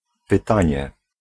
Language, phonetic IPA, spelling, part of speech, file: Polish, [pɨˈtãɲɛ], pytanie, noun, Pl-pytanie.ogg